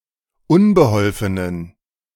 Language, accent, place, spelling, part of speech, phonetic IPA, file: German, Germany, Berlin, unbeholfenen, adjective, [ˈʊnbəˌhɔlfənən], De-unbeholfenen.ogg
- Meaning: inflection of unbeholfen: 1. strong genitive masculine/neuter singular 2. weak/mixed genitive/dative all-gender singular 3. strong/weak/mixed accusative masculine singular 4. strong dative plural